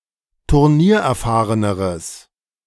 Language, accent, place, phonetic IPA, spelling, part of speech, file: German, Germany, Berlin, [tʊʁˈniːɐ̯ʔɛɐ̯ˌfaːʁənəʁəs], turniererfahreneres, adjective, De-turniererfahreneres.ogg
- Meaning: strong/mixed nominative/accusative neuter singular comparative degree of turniererfahren